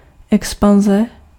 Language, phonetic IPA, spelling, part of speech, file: Czech, [ˈɛkspanzɛ], expanze, noun, Cs-expanze.ogg
- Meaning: expansion